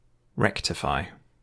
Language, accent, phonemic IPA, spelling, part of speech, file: English, UK, /ˈɹɛktəˌfaɪ/, rectify, verb, En-GB-rectify.ogg
- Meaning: 1. To heal (an organ or part of the body) 2. To restore (someone or something) to its proper condition; to straighten out, to set right